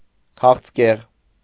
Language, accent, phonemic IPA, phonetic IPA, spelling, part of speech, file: Armenian, Eastern Armenian, /kʰɑχt͡sʰˈkeʁ/, [kʰɑχt͡sʰkéʁ], քաղցկեղ, noun, Hy-քաղցկեղ.ogg
- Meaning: cancer